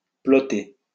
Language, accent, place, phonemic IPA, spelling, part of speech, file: French, France, Lyon, /plɔ.te/, ploter, verb, LL-Q150 (fra)-ploter.wav
- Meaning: 1. to plot or trace (a curve) 2. alternative form of peloter